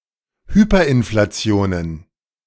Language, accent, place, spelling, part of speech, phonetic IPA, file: German, Germany, Berlin, Hyperinflationen, noun, [ˈhyːpɐʔɪnflaˌt͡si̯oːnən], De-Hyperinflationen.ogg
- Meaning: plural of Hyperinflation